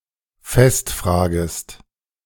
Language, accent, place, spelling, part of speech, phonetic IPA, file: German, Germany, Berlin, festfragest, verb, [ˈfɛstˌfr̺aːɡəst], De-festfragest.ogg
- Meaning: second-person singular subjunctive I of festfragen